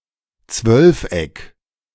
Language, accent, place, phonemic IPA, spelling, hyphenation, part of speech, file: German, Germany, Berlin, /ˈt͡svœlfˌ.ɛk/, Zwölfeck, Zwölf‧eck, noun, De-Zwölfeck.ogg
- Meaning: dodecagon